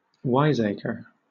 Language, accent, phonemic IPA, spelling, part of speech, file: English, Southern England, /ˈwaɪzeɪkə(ɹ)/, wiseacre, noun / verb, LL-Q1860 (eng)-wiseacre.wav
- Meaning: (noun) 1. One who feigns knowledge or cleverness; one who is wisecracking; an insolent upstart 2. A learned or wise man; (verb) To act like a wiseacre; to wisecrack